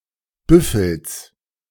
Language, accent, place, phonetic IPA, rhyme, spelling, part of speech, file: German, Germany, Berlin, [ˈbʏfl̩s], -ʏfl̩s, Büffels, noun, De-Büffels.ogg
- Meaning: genitive singular of Büffel "buffalo's"